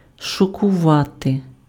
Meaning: to shock
- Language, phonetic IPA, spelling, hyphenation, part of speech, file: Ukrainian, [ʃɔkʊˈʋate], шокувати, шо‧ку‧ва‧ти, verb, Uk-шокувати.ogg